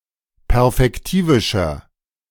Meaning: inflection of perfektivisch: 1. strong/mixed nominative masculine singular 2. strong genitive/dative feminine singular 3. strong genitive plural
- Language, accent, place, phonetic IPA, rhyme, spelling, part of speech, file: German, Germany, Berlin, [pɛʁfɛkˈtiːvɪʃɐ], -iːvɪʃɐ, perfektivischer, adjective, De-perfektivischer.ogg